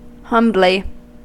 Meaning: In a humble manner
- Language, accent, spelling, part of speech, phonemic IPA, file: English, US, humbly, adverb, /ˈhʌmbli/, En-us-humbly.ogg